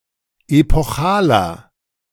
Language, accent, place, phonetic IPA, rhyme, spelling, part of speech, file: German, Germany, Berlin, [epɔˈxaːlɐ], -aːlɐ, epochaler, adjective, De-epochaler.ogg
- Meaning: 1. comparative degree of epochal 2. inflection of epochal: strong/mixed nominative masculine singular 3. inflection of epochal: strong genitive/dative feminine singular